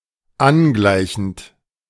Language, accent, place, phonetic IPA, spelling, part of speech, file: German, Germany, Berlin, [ˈanˌɡlaɪ̯çn̩t], angleichend, verb, De-angleichend.ogg
- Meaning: present participle of angleichen